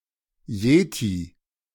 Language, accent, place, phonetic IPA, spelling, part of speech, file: German, Germany, Berlin, [ˈjeːti], Yeti, noun, De-Yeti.ogg
- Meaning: yeti; abominable snowman